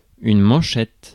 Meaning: 1. cuff 2. oversleeve, manchette 3. headline 4. marginal note; note in the margin
- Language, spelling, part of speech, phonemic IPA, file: French, manchette, noun, /mɑ̃.ʃɛt/, Fr-manchette.ogg